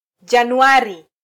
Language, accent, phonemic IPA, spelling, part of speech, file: Swahili, Kenya, /ʄɑ.nuˈɑ.ɾi/, Januari, proper noun, Sw-ke-Januari.flac
- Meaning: January